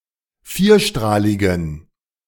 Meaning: inflection of vierstrahlig: 1. strong genitive masculine/neuter singular 2. weak/mixed genitive/dative all-gender singular 3. strong/weak/mixed accusative masculine singular 4. strong dative plural
- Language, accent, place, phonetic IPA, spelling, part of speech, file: German, Germany, Berlin, [ˈfiːɐ̯ˌʃtʁaːlɪɡn̩], vierstrahligen, adjective, De-vierstrahligen.ogg